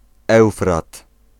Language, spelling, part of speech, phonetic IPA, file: Polish, Eufrat, proper noun, [ˈɛwfrat], Pl-Eufrat.ogg